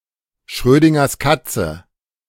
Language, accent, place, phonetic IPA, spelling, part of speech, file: German, Germany, Berlin, [ˌʃʁøːdɪŋɐs ˈkat͡sə], Schrödingers Katze, noun, De-Schrödingers Katze.ogg
- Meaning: Schrödinger's cat